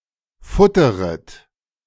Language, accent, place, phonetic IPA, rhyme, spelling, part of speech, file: German, Germany, Berlin, [ˈfʊtəʁət], -ʊtəʁət, futteret, verb, De-futteret.ogg
- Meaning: second-person plural subjunctive I of futtern